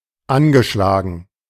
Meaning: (verb) past participle of anschlagen; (adjective) 1. chipped 2. beleaguered 3. ailing, groggy, under the weather
- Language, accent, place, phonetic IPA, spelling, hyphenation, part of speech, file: German, Germany, Berlin, [ˈʔanʃlaːɡŋ̩], angeschlagen, an‧ge‧schla‧gen, verb / adjective, De-angeschlagen.ogg